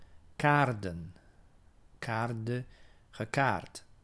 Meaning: to card (to use a carding device to disentangle the fibres of wool prior to spinning)
- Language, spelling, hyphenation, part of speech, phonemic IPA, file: Dutch, kaarden, kaar‧den, verb, /ˈkaːr.də(n)/, Nl-kaarden.ogg